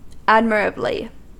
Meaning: 1. In a way worthy of admiration 2. To an admirable degree
- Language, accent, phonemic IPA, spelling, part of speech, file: English, US, /ˈæd.mɪɹ.ə.bli/, admirably, adverb, En-us-admirably.ogg